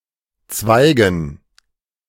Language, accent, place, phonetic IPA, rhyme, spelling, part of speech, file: German, Germany, Berlin, [ˈt͡svaɪ̯ɡn̩], -aɪ̯ɡn̩, Zweigen, noun, De-Zweigen.ogg
- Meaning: dative plural of Zweig